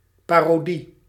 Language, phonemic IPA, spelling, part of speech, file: Dutch, /ˈpɑroˈdi/, parodie, noun, Nl-parodie.ogg
- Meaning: parody